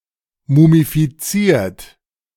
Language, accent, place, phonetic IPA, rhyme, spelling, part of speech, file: German, Germany, Berlin, [mumifiˈt͡siːɐ̯t], -iːɐ̯t, mumifiziert, adjective / verb, De-mumifiziert.ogg
- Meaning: 1. past participle of mumifizieren 2. inflection of mumifizieren: third-person singular present 3. inflection of mumifizieren: second-person plural present